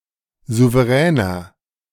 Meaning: 1. comparative degree of souverän 2. inflection of souverän: strong/mixed nominative masculine singular 3. inflection of souverän: strong genitive/dative feminine singular
- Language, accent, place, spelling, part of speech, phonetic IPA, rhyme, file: German, Germany, Berlin, souveräner, adjective, [ˌzuvəˈʁɛːnɐ], -ɛːnɐ, De-souveräner.ogg